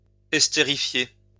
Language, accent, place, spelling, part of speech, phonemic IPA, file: French, France, Lyon, estérifier, verb, /ɛs.te.ʁi.fje/, LL-Q150 (fra)-estérifier.wav
- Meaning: to esterify